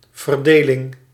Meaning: division, partition, distribution
- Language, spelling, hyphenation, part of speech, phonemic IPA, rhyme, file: Dutch, verdeling, ver‧de‧ling, noun, /vərˈdeː.lɪŋ/, -eːlɪŋ, Nl-verdeling.ogg